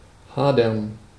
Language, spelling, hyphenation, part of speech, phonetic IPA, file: German, hadern, ha‧dern, verb, [ˈhaːdɐn], De-hadern.ogg
- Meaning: 1. to bicker, quarrel, struggle (with) 2. to be dissatisfied (with)